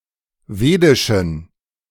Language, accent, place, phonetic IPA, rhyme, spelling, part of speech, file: German, Germany, Berlin, [ˈveːdɪʃn̩], -eːdɪʃn̩, wedischen, adjective, De-wedischen.ogg
- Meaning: inflection of wedisch: 1. strong genitive masculine/neuter singular 2. weak/mixed genitive/dative all-gender singular 3. strong/weak/mixed accusative masculine singular 4. strong dative plural